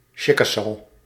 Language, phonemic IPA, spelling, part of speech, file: Dutch, /ˈtʃɪkɑsoː/, Chickasaw, proper noun, Nl-Chickasaw.ogg
- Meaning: Chickasaw (language)